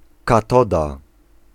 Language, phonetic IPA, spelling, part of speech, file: Polish, [kaˈtɔda], katoda, noun, Pl-katoda.ogg